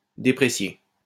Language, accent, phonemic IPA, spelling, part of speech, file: French, France, /de.pʁe.sje/, déprécier, verb, LL-Q150 (fra)-déprécier.wav
- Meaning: 1. to depreciate (lower the value of) 2. to depreciate (lower in value)